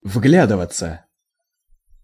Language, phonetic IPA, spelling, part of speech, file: Russian, [ˈvɡlʲadɨvət͡sə], вглядываться, verb, Ru-вглядываться.ogg
- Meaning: to peer into, to look or observe narrowly